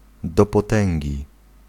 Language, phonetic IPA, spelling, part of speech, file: Polish, [ˌdɔ‿pɔˈtɛ̃ŋʲɟi], do potęgi, phrase / adverbial phrase, Pl-do potęgi.ogg